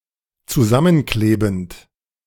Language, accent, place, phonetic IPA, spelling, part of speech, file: German, Germany, Berlin, [t͡suˈzamənˌkleːbn̩t], zusammenklebend, verb, De-zusammenklebend.ogg
- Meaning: present participle of zusammenkleben